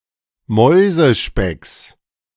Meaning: genitive of Mäusespeck
- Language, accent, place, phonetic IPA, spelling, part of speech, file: German, Germany, Berlin, [ˈmɔɪ̯zəˌʃpɛks], Mäusespecks, noun, De-Mäusespecks.ogg